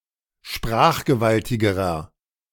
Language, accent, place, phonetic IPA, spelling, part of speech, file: German, Germany, Berlin, [ˈʃpʁaːxɡəˌvaltɪɡəʁɐ], sprachgewaltigerer, adjective, De-sprachgewaltigerer.ogg
- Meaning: inflection of sprachgewaltig: 1. strong/mixed nominative masculine singular comparative degree 2. strong genitive/dative feminine singular comparative degree